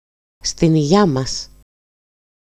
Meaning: to our health! cheers!
- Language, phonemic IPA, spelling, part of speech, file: Greek, /stin‿iˈʝa‿mas/, στην υγειά μας, interjection, EL-στην-υγειά-μας.ogg